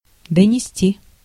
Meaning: 1. to carry (to, as far as), to bring (to), to deliver 2. to report, to announce, to inform 3. to denounce (to), to inform (on, against), to squeal on
- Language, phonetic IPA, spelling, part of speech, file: Russian, [dənʲɪˈsʲtʲi], донести, verb, Ru-донести.ogg